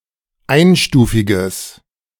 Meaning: strong/mixed nominative/accusative neuter singular of einstufig
- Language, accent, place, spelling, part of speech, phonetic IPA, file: German, Germany, Berlin, einstufiges, adjective, [ˈaɪ̯nˌʃtuːfɪɡəs], De-einstufiges.ogg